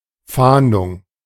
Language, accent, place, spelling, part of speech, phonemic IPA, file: German, Germany, Berlin, Fahndung, noun, /ˈfaːndʊŋ/, De-Fahndung.ogg
- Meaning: search